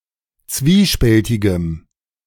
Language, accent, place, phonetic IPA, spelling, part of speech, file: German, Germany, Berlin, [ˈt͡sviːˌʃpɛltɪɡəm], zwiespältigem, adjective, De-zwiespältigem.ogg
- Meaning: strong dative masculine/neuter singular of zwiespältig